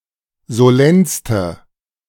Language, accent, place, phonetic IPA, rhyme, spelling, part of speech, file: German, Germany, Berlin, [zoˈlɛnstə], -ɛnstə, solennste, adjective, De-solennste.ogg
- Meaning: inflection of solenn: 1. strong/mixed nominative/accusative feminine singular superlative degree 2. strong nominative/accusative plural superlative degree